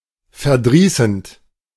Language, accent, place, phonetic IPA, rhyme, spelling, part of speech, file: German, Germany, Berlin, [fɛɐ̯ˈdʁiːsn̩t], -iːsn̩t, verdrießend, verb, De-verdrießend.ogg
- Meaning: present participle of verdrießen